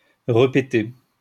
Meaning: to fart again
- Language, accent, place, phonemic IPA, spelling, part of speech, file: French, France, Lyon, /ʁə.pe.te/, repéter, verb, LL-Q150 (fra)-repéter.wav